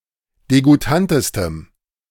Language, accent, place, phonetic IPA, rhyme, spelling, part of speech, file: German, Germany, Berlin, [deɡuˈtantəstəm], -antəstəm, degoutantestem, adjective, De-degoutantestem.ogg
- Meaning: strong dative masculine/neuter singular superlative degree of degoutant